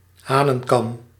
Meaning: 1. a cockscomb, the fleshy crest on the top of a rooster's head 2. a Mohawk (hairstyle) 3. synonym of cantharel (“chanterelle”)
- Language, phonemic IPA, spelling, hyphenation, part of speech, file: Dutch, /ˈɦaːnə(ŋ)kɑm/, hanenkam, ha‧nen‧kam, noun, Nl-hanenkam.ogg